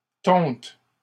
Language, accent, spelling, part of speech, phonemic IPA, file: French, Canada, tonte, noun, /tɔ̃t/, LL-Q150 (fra)-tonte.wav
- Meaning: 1. shearing (of sheep) 2. time of shearing 3. wool (from a shorn sheep) 4. mowing (of grass, etc.)